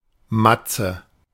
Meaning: 1. matzo 2. plural of Matz
- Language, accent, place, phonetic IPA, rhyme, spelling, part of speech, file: German, Germany, Berlin, [ˈmat͡sə], -at͡sə, Matze, noun / proper noun, De-Matze.ogg